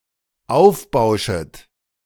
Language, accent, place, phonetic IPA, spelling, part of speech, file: German, Germany, Berlin, [ˈaʊ̯fˌbaʊ̯ʃət], aufbauschet, verb, De-aufbauschet.ogg
- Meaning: second-person plural dependent subjunctive I of aufbauschen